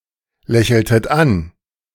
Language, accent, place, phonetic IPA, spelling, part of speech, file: German, Germany, Berlin, [ˌlɛçl̩tət ˈan], lächeltet an, verb, De-lächeltet an.ogg
- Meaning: inflection of anlächeln: 1. second-person plural preterite 2. second-person plural subjunctive II